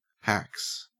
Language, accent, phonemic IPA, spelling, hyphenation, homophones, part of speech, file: English, Australia, /hæks/, hax, hax, haxx / hacks, noun, En-au-hax.ogg
- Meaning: 1. Hacks, hacking 2. Crucial luck-based events in battles 3. In the context of power scaling: abilities that can bypass or ignore the statistics of another character, e.g. reality warping